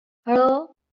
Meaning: The thirty-third consonant in Marathi
- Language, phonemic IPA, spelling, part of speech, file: Marathi, /ɭ̆ə/, ळ, character, LL-Q1571 (mar)-ळ.wav